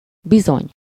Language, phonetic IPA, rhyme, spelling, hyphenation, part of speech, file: Hungarian, [ˈbizoɲ], -oɲ, bizony, bi‧zony, adverb, Hu-bizony.ogg
- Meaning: 1. indeed, certainly, surely 2. surely, definitely (arguing)